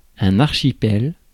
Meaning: archipelago
- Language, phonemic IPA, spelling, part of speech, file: French, /aʁ.ʃi.pɛl/, archipel, noun, Fr-archipel.ogg